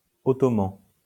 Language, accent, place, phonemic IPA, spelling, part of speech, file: French, France, Lyon, /ɔ.tɔ.mɑ̃/, ottoman, adjective / noun, LL-Q150 (fra)-ottoman.wav
- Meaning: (adjective) Ottoman; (noun) 1. ellipsis of turc ottoman (“Ottoman Turkish”) 2. ottoman